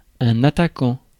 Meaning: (verb) present participle of attaquer; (noun) 1. attacker, assailant 2. forward, striker, attacker 3. forward
- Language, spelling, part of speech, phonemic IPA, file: French, attaquant, verb / noun, /a.ta.kɑ̃/, Fr-attaquant.ogg